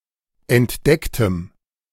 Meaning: strong dative masculine/neuter singular of entdeckt
- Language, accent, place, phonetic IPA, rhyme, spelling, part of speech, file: German, Germany, Berlin, [ɛntˈdɛktəm], -ɛktəm, entdecktem, adjective, De-entdecktem.ogg